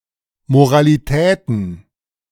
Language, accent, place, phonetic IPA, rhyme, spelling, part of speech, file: German, Germany, Berlin, [moʁaliˈtɛːtn̩], -ɛːtn̩, Moralitäten, noun, De-Moralitäten.ogg
- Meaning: plural of Moralität